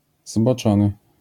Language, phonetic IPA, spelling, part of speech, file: Polish, [zbɔˈt͡ʃɔ̃nɨ], zboczony, adjective, LL-Q809 (pol)-zboczony.wav